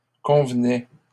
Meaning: first/second-person singular imperfect indicative of convenir
- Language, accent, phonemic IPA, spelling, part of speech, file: French, Canada, /kɔ̃v.nɛ/, convenais, verb, LL-Q150 (fra)-convenais.wav